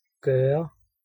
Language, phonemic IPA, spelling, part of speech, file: Danish, /ɡœrə/, gøre, verb, Da-gøre.ogg
- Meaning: 1. to do, perform, execute 2. to make (with an object and a predicate) 3. to make (with a single object)